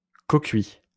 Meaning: cofired
- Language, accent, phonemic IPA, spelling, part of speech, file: French, France, /kɔ.kɥi/, cocuit, adjective, LL-Q150 (fra)-cocuit.wav